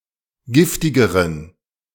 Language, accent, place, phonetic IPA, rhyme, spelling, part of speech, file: German, Germany, Berlin, [ˈɡɪftɪɡəʁən], -ɪftɪɡəʁən, giftigeren, adjective, De-giftigeren.ogg
- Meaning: inflection of giftig: 1. strong genitive masculine/neuter singular comparative degree 2. weak/mixed genitive/dative all-gender singular comparative degree